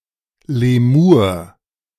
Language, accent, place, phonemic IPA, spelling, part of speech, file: German, Germany, Berlin, /leˈmuːɐ̯/, Lemur, noun, De-Lemur.ogg
- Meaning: 1. lemur (primate native to Madagascar) 2. lemures (spirits or ghosts of the dead)